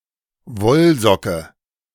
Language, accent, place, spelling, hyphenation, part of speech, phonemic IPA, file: German, Germany, Berlin, Wollsocke, Woll‧so‧cke, noun, /ˈvɔlˌzɔkə/, De-Wollsocke.ogg
- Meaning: woolen sock, wool sock